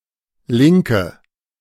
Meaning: 1. left hand 2. left (the left side) 3. left wing 4. female equivalent of Linker: female leftist 5. inflection of Linker: strong nominative/accusative plural
- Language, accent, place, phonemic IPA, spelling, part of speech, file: German, Germany, Berlin, /ˈlɪŋkə/, Linke, noun, De-Linke.ogg